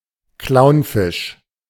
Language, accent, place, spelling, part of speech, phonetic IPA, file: German, Germany, Berlin, Clownfisch, noun, [ˈklaʊ̯nˌfɪʃ], De-Clownfisch.ogg
- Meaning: clownfish